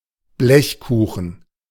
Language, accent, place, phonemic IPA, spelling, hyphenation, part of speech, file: German, Germany, Berlin, /ˈblɛçˌkuːχn̩/, Blechkuchen, Blech‧ku‧chen, noun, De-Blechkuchen.ogg
- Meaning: sheet cake, tray bake